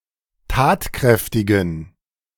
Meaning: inflection of tatkräftig: 1. strong genitive masculine/neuter singular 2. weak/mixed genitive/dative all-gender singular 3. strong/weak/mixed accusative masculine singular 4. strong dative plural
- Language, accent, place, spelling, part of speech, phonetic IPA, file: German, Germany, Berlin, tatkräftigen, adjective, [ˈtaːtˌkʁɛftɪɡn̩], De-tatkräftigen.ogg